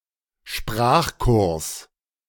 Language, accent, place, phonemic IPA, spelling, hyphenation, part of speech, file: German, Germany, Berlin, /ˈʃpʁaːχˌkʊʁs/, Sprachkurs, Sprach‧kurs, noun, De-Sprachkurs.ogg
- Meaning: language course